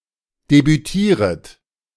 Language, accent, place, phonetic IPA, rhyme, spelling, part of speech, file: German, Germany, Berlin, [debyˈtiːʁət], -iːʁət, debütieret, verb, De-debütieret.ogg
- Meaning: second-person plural subjunctive I of debütieren